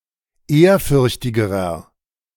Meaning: inflection of ehrfürchtig: 1. strong/mixed nominative masculine singular comparative degree 2. strong genitive/dative feminine singular comparative degree 3. strong genitive plural comparative degree
- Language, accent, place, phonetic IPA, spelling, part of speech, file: German, Germany, Berlin, [ˈeːɐ̯ˌfʏʁçtɪɡəʁɐ], ehrfürchtigerer, adjective, De-ehrfürchtigerer.ogg